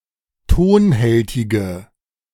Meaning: inflection of tonhältig: 1. strong/mixed nominative/accusative feminine singular 2. strong nominative/accusative plural 3. weak nominative all-gender singular
- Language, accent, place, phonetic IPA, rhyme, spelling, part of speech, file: German, Germany, Berlin, [ˈtoːnˌhɛltɪɡə], -oːnhɛltɪɡə, tonhältige, adjective, De-tonhältige.ogg